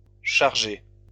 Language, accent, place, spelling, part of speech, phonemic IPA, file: French, France, Lyon, chargée, verb / adjective, /ʃaʁ.ʒe/, LL-Q150 (fra)-chargée.wav
- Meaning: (verb) feminine singular of chargé